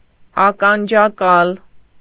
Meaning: earphone, headphone
- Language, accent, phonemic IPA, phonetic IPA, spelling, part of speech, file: Armenian, Eastern Armenian, /ɑkɑnd͡ʒɑˈkɑl/, [ɑkɑnd͡ʒɑkɑ́l], ականջակալ, noun, Hy-ականջակալ.ogg